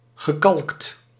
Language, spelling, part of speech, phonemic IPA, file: Dutch, gekalkt, verb / adjective, /ɣəˈkɑlᵊkt/, Nl-gekalkt.ogg
- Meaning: past participle of kalken